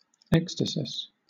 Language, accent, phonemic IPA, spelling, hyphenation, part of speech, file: English, Southern England, /ˈɛkstəsɪs/, ekstasis, ek‧sta‧sis, noun, LL-Q1860 (eng)-ekstasis.wav
- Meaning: The state of being beside oneself or rapt out of oneself